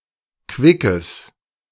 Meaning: strong/mixed nominative/accusative neuter singular of quick
- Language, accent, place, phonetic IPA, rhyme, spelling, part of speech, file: German, Germany, Berlin, [ˈkvɪkəs], -ɪkəs, quickes, adjective, De-quickes.ogg